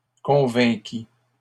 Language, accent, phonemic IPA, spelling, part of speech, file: French, Canada, /kɔ̃.vɛ̃.ki/, convainquis, verb, LL-Q150 (fra)-convainquis.wav
- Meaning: first/second-person singular past historic of convaincre